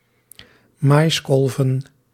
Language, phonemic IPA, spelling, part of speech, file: Dutch, /ˈmɑjskɔlvə(n)/, maiskolven, noun, Nl-maiskolven.ogg
- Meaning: plural of maiskolf